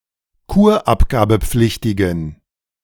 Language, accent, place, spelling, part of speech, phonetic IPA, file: German, Germany, Berlin, kurabgabepflichtigen, adjective, [ˈkuːɐ̯ʔapɡaːbəˌp͡flɪçtɪɡn̩], De-kurabgabepflichtigen.ogg
- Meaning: inflection of kurabgabepflichtig: 1. strong genitive masculine/neuter singular 2. weak/mixed genitive/dative all-gender singular 3. strong/weak/mixed accusative masculine singular